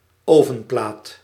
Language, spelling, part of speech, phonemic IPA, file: Dutch, ovenplaat, noun, /ˈoːvə(m)plaːt/, Nl-ovenplaat.ogg
- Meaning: baking tray